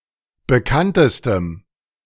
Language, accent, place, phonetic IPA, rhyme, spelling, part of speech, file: German, Germany, Berlin, [bəˈkantəstəm], -antəstəm, bekanntestem, adjective, De-bekanntestem.ogg
- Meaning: strong dative masculine/neuter singular superlative degree of bekannt